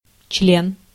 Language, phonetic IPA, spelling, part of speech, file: Russian, [t͡ɕlʲen], член, noun, Ru-член.ogg
- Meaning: 1. limb 2. article 3. part 4. term 5. member of an organization 6. member, penis